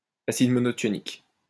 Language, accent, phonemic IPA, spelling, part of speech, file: French, France, /a.sid mɔ.nɔ.tjɔ.nik/, acide monothionique, noun, LL-Q150 (fra)-acide monothionique.wav
- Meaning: monothionic acid